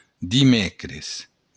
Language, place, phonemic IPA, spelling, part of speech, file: Occitan, Béarn, /diˈmɛkres/, dimècres, noun, LL-Q14185 (oci)-dimècres.wav
- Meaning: Wednesday